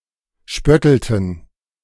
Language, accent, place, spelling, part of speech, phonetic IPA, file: German, Germany, Berlin, spöttelten, verb, [ˈʃpœtl̩tn̩], De-spöttelten.ogg
- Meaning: inflection of spötteln: 1. first/third-person plural preterite 2. first/third-person plural subjunctive II